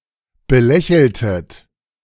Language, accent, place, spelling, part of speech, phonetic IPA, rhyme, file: German, Germany, Berlin, belächeltet, verb, [bəˈlɛçl̩tət], -ɛçl̩tət, De-belächeltet.ogg
- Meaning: inflection of belächeln: 1. second-person plural preterite 2. second-person plural subjunctive II